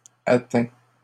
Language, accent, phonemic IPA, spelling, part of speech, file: French, Canada, /a.tɛ̃/, atteint, verb, LL-Q150 (fra)-atteint.wav
- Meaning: 1. past participle of atteindre 2. third-person singular present indicative of atteindre